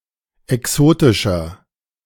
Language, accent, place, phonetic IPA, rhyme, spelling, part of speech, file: German, Germany, Berlin, [ɛˈksoːtɪʃɐ], -oːtɪʃɐ, exotischer, adjective, De-exotischer.ogg
- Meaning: 1. comparative degree of exotisch 2. inflection of exotisch: strong/mixed nominative masculine singular 3. inflection of exotisch: strong genitive/dative feminine singular